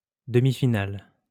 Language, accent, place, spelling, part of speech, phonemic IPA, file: French, France, Lyon, demi-finale, noun, /də.mi.fi.nal/, LL-Q150 (fra)-demi-finale.wav
- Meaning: semi-final